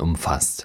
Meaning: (verb) past participle of umfassen; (adjective) 1. encompassed 2. spanned 3. enfolded; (verb) inflection of umfassen: 1. third-person singular present 2. second-person plural present
- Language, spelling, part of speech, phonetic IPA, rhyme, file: German, umfasst, verb, [ˌʊmˈfast], -ast, De-umfasst.oga